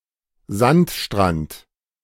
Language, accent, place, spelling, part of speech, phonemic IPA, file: German, Germany, Berlin, Sandstrand, noun, /ˈzantʃtrant/, De-Sandstrand.ogg
- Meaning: sandbeach